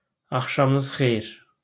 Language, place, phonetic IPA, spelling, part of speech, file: Azerbaijani, Baku, [ɑχʃɑmɯˈnɯz χe(j)ir], axşamınız xeyir, interjection, LL-Q9292 (aze)-axşamınız xeyir.wav
- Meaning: good evening (to several referents or polite)